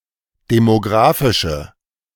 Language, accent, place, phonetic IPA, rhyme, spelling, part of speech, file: German, Germany, Berlin, [demoˈɡʁaːfɪʃə], -aːfɪʃə, demografische, adjective, De-demografische.ogg
- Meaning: inflection of demografisch: 1. strong/mixed nominative/accusative feminine singular 2. strong nominative/accusative plural 3. weak nominative all-gender singular